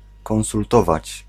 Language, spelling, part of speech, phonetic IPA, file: Polish, konsultować, verb, [ˌkɔ̃w̃sulˈtɔvat͡ɕ], Pl-konsultować.ogg